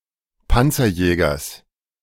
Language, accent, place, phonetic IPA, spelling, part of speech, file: German, Germany, Berlin, [ˈpant͡sɐˌjɛːɡɐs], Panzerjägers, noun, De-Panzerjägers.ogg
- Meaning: genitive singular of Panzerjäger